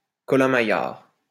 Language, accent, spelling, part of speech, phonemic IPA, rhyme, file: French, France, colin-maillard, noun, /kɔ.lɛ̃.ma.jaʁ/, -jaʁ, LL-Q150 (fra)-colin-maillard.wav
- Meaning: blind man's buff